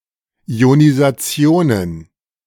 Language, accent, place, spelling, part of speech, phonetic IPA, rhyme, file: German, Germany, Berlin, Ionisationen, noun, [i̯onizaˈt͡si̯oːnən], -oːnən, De-Ionisationen.ogg
- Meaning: plural of Ionisation